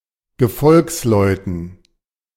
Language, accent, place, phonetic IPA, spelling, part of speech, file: German, Germany, Berlin, [ɡəˈfɔlksˌlɔɪ̯tn̩], Gefolgsleuten, noun, De-Gefolgsleuten.ogg
- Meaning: dative plural of Gefolgsmann